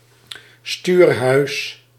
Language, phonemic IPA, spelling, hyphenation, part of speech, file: Dutch, /ˈstyːr.ɦœy̯s/, stuurhuis, stuur‧huis, noun, Nl-stuurhuis.ogg
- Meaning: 1. wheelhouse, bridge 2. part of a steering system that transfers motion from the steering wheel to the drive axle; steering box, steering gear